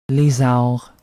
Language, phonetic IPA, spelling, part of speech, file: French, [le.zɑɔ̯ʁ], lézard, noun, Qc-lézard.ogg
- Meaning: lizard